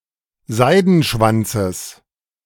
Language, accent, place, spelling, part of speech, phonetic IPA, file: German, Germany, Berlin, Seidenschwanzes, noun, [ˈzaɪ̯dn̩ˌʃvant͡səs], De-Seidenschwanzes.ogg
- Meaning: genitive of Seidenschwanz